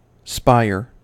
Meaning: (noun) 1. The stalk or stem of a plant 2. A young shoot of a plant; a spear 3. Any of various tall grasses, rushes, or sedges, such as the marram, the reed canary-grass, etc
- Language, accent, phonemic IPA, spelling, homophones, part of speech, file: English, US, /ˈspaɪ.ɚ/, spire, spier, noun / verb, En-us-spire.ogg